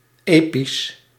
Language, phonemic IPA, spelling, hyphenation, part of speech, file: Dutch, /ˈeːpis/, episch, episch, adjective, Nl-episch.ogg
- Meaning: epic